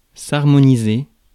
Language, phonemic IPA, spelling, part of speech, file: French, /aʁ.mɔ.ni.ze/, harmoniser, verb, Fr-harmoniser.ogg
- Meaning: to harmonize